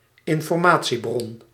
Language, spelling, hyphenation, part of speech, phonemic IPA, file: Dutch, informatiebron, in‧for‧ma‧tie‧bron, noun, /ɪn.fɔrˈmaː.(t)siˌbrɔn/, Nl-informatiebron.ogg
- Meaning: source of information